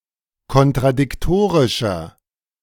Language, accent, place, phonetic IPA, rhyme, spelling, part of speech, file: German, Germany, Berlin, [kɔntʁadɪkˈtoːʁɪʃɐ], -oːʁɪʃɐ, kontradiktorischer, adjective, De-kontradiktorischer.ogg
- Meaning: 1. comparative degree of kontradiktorisch 2. inflection of kontradiktorisch: strong/mixed nominative masculine singular 3. inflection of kontradiktorisch: strong genitive/dative feminine singular